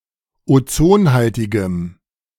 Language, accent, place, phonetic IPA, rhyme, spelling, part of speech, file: German, Germany, Berlin, [oˈt͡soːnˌhaltɪɡəm], -oːnhaltɪɡəm, ozonhaltigem, adjective, De-ozonhaltigem.ogg
- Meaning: strong dative masculine/neuter singular of ozonhaltig